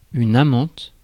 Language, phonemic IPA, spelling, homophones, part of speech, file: French, /a.mɑ̃t/, amante, amantes, noun, Fr-amante.ogg
- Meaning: female equivalent of amant (“lover”)